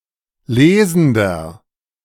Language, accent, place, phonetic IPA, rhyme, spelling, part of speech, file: German, Germany, Berlin, [ˈleːzn̩dɐ], -eːzn̩dɐ, lesender, adjective, De-lesender.ogg
- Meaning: inflection of lesend: 1. strong/mixed nominative masculine singular 2. strong genitive/dative feminine singular 3. strong genitive plural